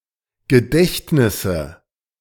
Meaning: dative singular of Gedächtnis
- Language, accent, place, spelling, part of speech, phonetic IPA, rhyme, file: German, Germany, Berlin, Gedächtnisse, noun, [ɡəˈdɛçtnɪsə], -ɛçtnɪsə, De-Gedächtnisse.ogg